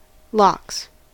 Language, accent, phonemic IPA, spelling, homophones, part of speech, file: English, US, /lɑks/, lox, locks, noun / verb, En-us-lox.ogg
- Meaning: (noun) 1. Salmon that is cured in brine and then smoked at a low temperature so that the flesh remains uncooked 2. Acronym of liquid oxygen, molecular oxygen in liquid form